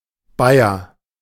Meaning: Bavarian (native or inhabitant of the state of Bavaria, Germany) (usually male)
- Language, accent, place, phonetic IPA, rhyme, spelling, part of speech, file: German, Germany, Berlin, [ˈbaɪ̯ɐ], -aɪ̯ɐ, Bayer, noun / proper noun, De-Bayer.ogg